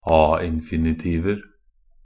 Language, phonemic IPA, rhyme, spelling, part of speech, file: Norwegian Bokmål, /ɑː.ɪn.fɪ.nɪˈtiːʋər/, -iːʋər, a-infinitiver, noun, Nb-a-infinitiver.ogg
- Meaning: indefinite plural of a-infinitiv (“a-infinitive”)